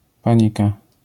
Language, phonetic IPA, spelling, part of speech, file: Polish, [ˈpãɲika], panika, noun, LL-Q809 (pol)-panika.wav